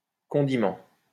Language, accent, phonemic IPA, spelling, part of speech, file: French, France, /kɔ̃.di.mɑ̃/, condiment, noun, LL-Q150 (fra)-condiment.wav
- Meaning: condiment